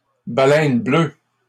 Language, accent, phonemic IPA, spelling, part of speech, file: French, Canada, /ba.lɛn blø/, baleine bleue, noun, LL-Q150 (fra)-baleine bleue.wav
- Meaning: the blue whale